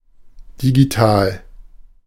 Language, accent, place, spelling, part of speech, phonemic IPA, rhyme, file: German, Germany, Berlin, digital, adjective, /diɡiˈtaːl/, -aːl, De-digital.ogg
- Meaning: digital